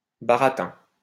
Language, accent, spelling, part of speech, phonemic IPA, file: French, France, baratin, noun, /ba.ʁa.tɛ̃/, LL-Q150 (fra)-baratin.wav
- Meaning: 1. small talk 2. bullshit